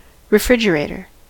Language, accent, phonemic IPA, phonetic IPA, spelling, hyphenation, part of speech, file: English, US, /ɹɪˈfɹɪd͡ʒ.əˌɹeɪ.tɚ/, [ɹɪˈfɹɪd͡ʒ.əˌɹeɪ.ɾɚ], refrigerator, re‧frig‧e‧ra‧tor, noun, En-us-refrigerator.ogg
- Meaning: A household or commercial appliance used for keeping food fresh using refrigeration